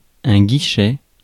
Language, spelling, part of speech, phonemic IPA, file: French, guichet, noun, /ɡi.ʃɛ/, Fr-guichet.ogg
- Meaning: 1. (small) door, gate (in wall, fort etc.); wicket 2. hatch, grill (in cell etc.) 3. ticket office, box office, ticket booth 4. counter (at post office, bank etc.)